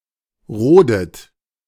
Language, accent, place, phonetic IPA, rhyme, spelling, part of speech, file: German, Germany, Berlin, [ˈʁoːdət], -oːdət, rodet, verb, De-rodet.ogg
- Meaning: inflection of roden: 1. third-person singular present 2. second-person plural present 3. second-person plural subjunctive I 4. plural imperative